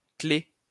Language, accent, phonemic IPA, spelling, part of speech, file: French, France, /klɛ/, claie, noun, LL-Q150 (fra)-claie.wav
- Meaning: 1. wicker rack; trellis 2. hurdle (temporary fence, hedge)